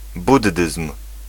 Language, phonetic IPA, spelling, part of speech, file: Polish, [ˈbudːɨsm̥], buddyzm, noun, Pl-buddyzm.ogg